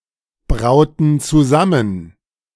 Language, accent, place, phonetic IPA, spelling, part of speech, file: German, Germany, Berlin, [ˌbʁaʊ̯tn̩ t͡suˈzamən], brauten zusammen, verb, De-brauten zusammen.ogg
- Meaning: inflection of zusammenbrauen: 1. first/third-person plural preterite 2. first/third-person plural subjunctive II